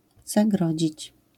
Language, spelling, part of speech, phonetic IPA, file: Polish, zagrodzić, verb, [zaˈɡrɔd͡ʑit͡ɕ], LL-Q809 (pol)-zagrodzić.wav